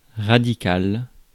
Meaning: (adjective) radical; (noun) radical, root
- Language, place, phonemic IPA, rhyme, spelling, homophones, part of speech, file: French, Paris, /ʁa.di.kal/, -al, radical, radicale / radicales, adjective / noun, Fr-radical.ogg